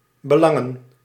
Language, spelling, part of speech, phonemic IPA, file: Dutch, belangen, verb / noun, /bəˈlɑŋə(n)/, Nl-belangen.ogg
- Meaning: plural of belang